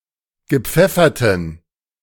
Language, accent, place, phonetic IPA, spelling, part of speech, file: German, Germany, Berlin, [ɡəˈp͡fɛfɐtn̩], gepfefferten, adjective, De-gepfefferten.ogg
- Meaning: inflection of gepfeffert: 1. strong genitive masculine/neuter singular 2. weak/mixed genitive/dative all-gender singular 3. strong/weak/mixed accusative masculine singular 4. strong dative plural